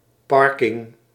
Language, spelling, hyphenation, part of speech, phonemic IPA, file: Dutch, parking, par‧king, noun, /ˈpɑr.kɪŋ/, Nl-parking.ogg
- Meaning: car park, parking lot